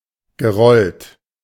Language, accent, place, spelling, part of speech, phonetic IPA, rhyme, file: German, Germany, Berlin, gerollt, adjective / verb, [ɡəˈʁɔlt], -ɔlt, De-gerollt.ogg
- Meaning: past participle of rollen